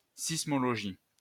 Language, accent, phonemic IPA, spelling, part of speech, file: French, France, /sis.mɔ.lɔ.ʒi/, sismologie, noun, LL-Q150 (fra)-sismologie.wav
- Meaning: seismology